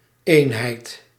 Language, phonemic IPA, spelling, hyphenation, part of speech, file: Dutch, /ˈeːn.ɦɛi̯t/, eenheid, een‧heid, noun, Nl-eenheid.ogg
- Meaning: 1. unity 2. unit (measure) 3. unit (squad or party; member of a military organisation or law enforcement organisation; division) 4. loneliness